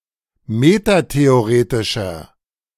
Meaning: inflection of metatheoretisch: 1. strong/mixed nominative masculine singular 2. strong genitive/dative feminine singular 3. strong genitive plural
- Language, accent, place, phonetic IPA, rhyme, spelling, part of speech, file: German, Germany, Berlin, [ˌmetateoˈʁeːtɪʃɐ], -eːtɪʃɐ, metatheoretischer, adjective, De-metatheoretischer.ogg